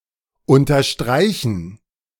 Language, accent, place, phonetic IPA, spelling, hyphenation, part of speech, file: German, Germany, Berlin, [ʔʊntɐˈʃtʁaɪ̯çən], unterstreichen, un‧ter‧strei‧chen, verb, De-unterstreichen.ogg
- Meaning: to underscore, to underline